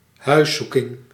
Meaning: 1. a house-search, thorough search of a home or other privately owned real estate as part of an official (notably judicial) investigation 2. the act of trespassing into someone's house
- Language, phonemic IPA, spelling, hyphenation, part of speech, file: Dutch, /ˈɦœy̯ˌsu.kɪŋ/, huiszoeking, huis‧zoe‧king, noun, Nl-huiszoeking.ogg